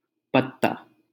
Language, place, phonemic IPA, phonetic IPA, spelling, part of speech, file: Hindi, Delhi, /pət̪.t̪ɑː/, [pɐt̪̚.t̪äː], पत्ता, noun, LL-Q1568 (hin)-पत्ता.wav
- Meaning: 1. leaf 2. leaflet 3. playing card; card 4. paddle